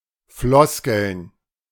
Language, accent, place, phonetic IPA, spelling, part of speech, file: German, Germany, Berlin, [ˈflɔskl̩n], Floskeln, noun, De-Floskeln.ogg
- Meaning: plural of Floskel